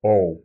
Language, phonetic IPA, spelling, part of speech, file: Russian, [ˈoʊ], оу, noun, Ru-оу.ogg
- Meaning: 1. The name of the Latin script letter O/o 2. ow, oh